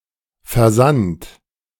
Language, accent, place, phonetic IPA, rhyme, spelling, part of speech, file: German, Germany, Berlin, [fɛɐ̯ˈzant], -ant, versandt, verb, De-versandt.ogg
- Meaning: past participle of versenden